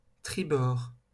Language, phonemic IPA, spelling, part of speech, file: French, /tʁi.bɔʁ/, tribord, noun, LL-Q150 (fra)-tribord.wav
- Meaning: starboard